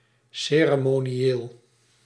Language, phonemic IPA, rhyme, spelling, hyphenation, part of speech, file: Dutch, /ˌseː.rə.moː.niˈeːl/, -eːl, ceremonieel, ce‧re‧mo‧ni‧eel, adjective / noun, Nl-ceremonieel.ogg
- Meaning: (adjective) ceremonial; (noun) ceremonial practices, ceremony